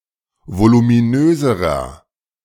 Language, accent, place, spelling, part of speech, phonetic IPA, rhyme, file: German, Germany, Berlin, voluminöserer, adjective, [volumiˈnøːzəʁɐ], -øːzəʁɐ, De-voluminöserer.ogg
- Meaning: inflection of voluminös: 1. strong/mixed nominative masculine singular comparative degree 2. strong genitive/dative feminine singular comparative degree 3. strong genitive plural comparative degree